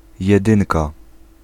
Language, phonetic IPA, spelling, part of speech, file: Polish, [jɛˈdɨ̃nka], jedynka, noun, Pl-jedynka.ogg